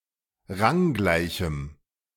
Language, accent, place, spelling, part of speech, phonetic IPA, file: German, Germany, Berlin, ranggleichem, adjective, [ˈʁaŋˌɡlaɪ̯çm̩], De-ranggleichem.ogg
- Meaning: strong dative masculine/neuter singular of ranggleich